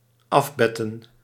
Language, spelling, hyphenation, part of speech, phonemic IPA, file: Dutch, afbetten, af‧bet‧ten, verb, /ˈɑfˌbɛ.tə(n)/, Nl-afbetten.ogg
- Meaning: 1. to clean or refresh by dabbing with a cloth or sponge 2. to remove (a fluid) by dabbing with a cloth or sponge